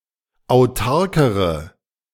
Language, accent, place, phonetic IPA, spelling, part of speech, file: German, Germany, Berlin, [aʊ̯ˈtaʁkəʁə], autarkere, adjective, De-autarkere.ogg
- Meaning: inflection of autark: 1. strong/mixed nominative/accusative feminine singular comparative degree 2. strong nominative/accusative plural comparative degree